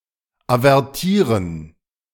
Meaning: to warn
- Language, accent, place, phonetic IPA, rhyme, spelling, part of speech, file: German, Germany, Berlin, [avɛʁˈtiːʁən], -iːʁən, avertieren, verb, De-avertieren.ogg